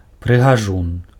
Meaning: handsome man
- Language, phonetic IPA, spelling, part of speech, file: Belarusian, [prɨɣaˈʐun], прыгажун, noun, Be-прыгажун.ogg